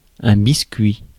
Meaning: biscuit (cookie)
- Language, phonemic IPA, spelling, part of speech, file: French, /bis.kɥi/, biscuit, noun, Fr-biscuit.ogg